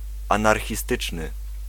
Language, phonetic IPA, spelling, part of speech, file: Polish, [ˌãnarxʲiˈstɨt͡ʃnɨ], anarchistyczny, adjective, Pl-anarchistyczny.ogg